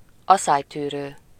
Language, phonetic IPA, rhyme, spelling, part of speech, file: Hungarian, [ˈɒsaːjtyːrøː], -røː, aszálytűrő, adjective, Hu-aszálytűrő.ogg
- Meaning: drought-tolerant (able to survive long periods of time without rain)